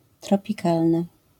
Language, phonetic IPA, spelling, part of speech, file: Polish, [ˌtrɔpʲiˈkalnɨ], tropikalny, adjective, LL-Q809 (pol)-tropikalny.wav